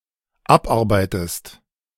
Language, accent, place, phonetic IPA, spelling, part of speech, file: German, Germany, Berlin, [ˈapˌʔaʁbaɪ̯təst], abarbeitest, verb, De-abarbeitest.ogg
- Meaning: inflection of abarbeiten: 1. second-person singular dependent present 2. second-person singular dependent subjunctive I